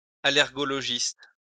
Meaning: allergologist
- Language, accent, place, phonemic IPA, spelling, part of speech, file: French, France, Lyon, /a.lɛʁ.ɡɔ.lɔ.ʒist/, allergologiste, noun, LL-Q150 (fra)-allergologiste.wav